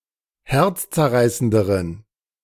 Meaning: inflection of herzzerreißend: 1. strong genitive masculine/neuter singular comparative degree 2. weak/mixed genitive/dative all-gender singular comparative degree
- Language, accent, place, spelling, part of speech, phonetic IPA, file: German, Germany, Berlin, herzzerreißenderen, adjective, [ˈhɛʁt͡st͡sɛɐ̯ˌʁaɪ̯səndəʁən], De-herzzerreißenderen.ogg